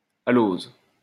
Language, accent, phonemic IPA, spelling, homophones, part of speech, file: French, France, /a.loz/, alose, aloses, noun, LL-Q150 (fra)-alose.wav
- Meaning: shad (fish of the herring family)